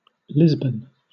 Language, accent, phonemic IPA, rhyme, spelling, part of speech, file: English, Southern England, /ˈlɪzbən/, -ɪzbən, Lisbon, proper noun / noun, LL-Q1860 (eng)-Lisbon.wav
- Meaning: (proper noun) 1. A port city on the Iberian Peninsula, at the mouth of the Tagus River on the Atlantic Ocean; the capital city of Portugal 2. A district of Portugal around the capital